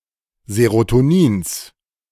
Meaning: genitive of Serotonin
- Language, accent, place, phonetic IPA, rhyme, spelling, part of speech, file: German, Germany, Berlin, [zeʁotoˈniːns], -iːns, Serotonins, noun, De-Serotonins.ogg